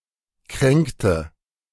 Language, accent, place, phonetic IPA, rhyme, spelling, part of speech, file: German, Germany, Berlin, [ˈkʁɛŋktə], -ɛŋktə, kränkte, verb, De-kränkte.ogg
- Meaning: inflection of kränken: 1. first/third-person singular preterite 2. first/third-person singular subjunctive II